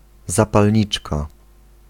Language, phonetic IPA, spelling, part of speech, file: Polish, [ˌzapalʲˈɲit͡ʃka], zapalniczka, noun, Pl-zapalniczka.ogg